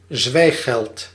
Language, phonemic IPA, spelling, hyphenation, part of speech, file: Dutch, /ˈzʋɛi̯.xɛlt/, zwijggeld, zwijg‧geld, noun, Nl-zwijggeld.ogg
- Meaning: hush money